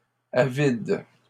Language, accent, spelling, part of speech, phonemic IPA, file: French, Canada, avides, adjective, /a.vid/, LL-Q150 (fra)-avides.wav
- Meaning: plural of avide